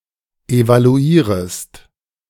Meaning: second-person singular subjunctive I of evaluieren
- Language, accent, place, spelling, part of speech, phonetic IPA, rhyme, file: German, Germany, Berlin, evaluierest, verb, [evaluˈiːʁəst], -iːʁəst, De-evaluierest.ogg